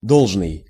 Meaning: due; required
- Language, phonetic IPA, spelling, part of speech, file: Russian, [ˈdoɫʐnɨj], должный, adjective, Ru-должный.ogg